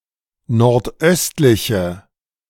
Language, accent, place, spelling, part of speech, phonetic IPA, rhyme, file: German, Germany, Berlin, nordöstliche, adjective, [nɔʁtˈʔœstlɪçə], -œstlɪçə, De-nordöstliche.ogg
- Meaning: inflection of nordöstlich: 1. strong/mixed nominative/accusative feminine singular 2. strong nominative/accusative plural 3. weak nominative all-gender singular